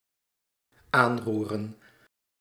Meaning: 1. to touch, to stir 2. to touch on, to be relevant to, to concern
- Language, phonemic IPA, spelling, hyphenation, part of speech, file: Dutch, /ˈaːnˌru.rə(n)/, aanroeren, aan‧roe‧ren, verb, Nl-aanroeren.ogg